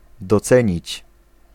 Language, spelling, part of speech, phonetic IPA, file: Polish, docenić, verb, [dɔˈt͡sɛ̃ɲit͡ɕ], Pl-docenić.ogg